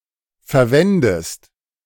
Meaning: inflection of verwenden: 1. second-person singular present 2. second-person singular subjunctive I
- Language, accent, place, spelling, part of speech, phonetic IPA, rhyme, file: German, Germany, Berlin, verwendest, verb, [fɛɐ̯ˈvɛndəst], -ɛndəst, De-verwendest.ogg